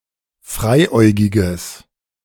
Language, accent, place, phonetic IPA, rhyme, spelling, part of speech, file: German, Germany, Berlin, [ˈfʁaɪ̯ˌʔɔɪ̯ɡɪɡəs], -aɪ̯ʔɔɪ̯ɡɪɡəs, freiäugiges, adjective, De-freiäugiges.ogg
- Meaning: strong/mixed nominative/accusative neuter singular of freiäugig